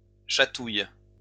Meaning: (noun) tickle; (verb) inflection of chatouiller: 1. first/third-person singular present indicative/subjunctive 2. second-person singular imperative
- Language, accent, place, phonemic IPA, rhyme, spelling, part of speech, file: French, France, Lyon, /ʃa.tuj/, -uj, chatouille, noun / verb, LL-Q150 (fra)-chatouille.wav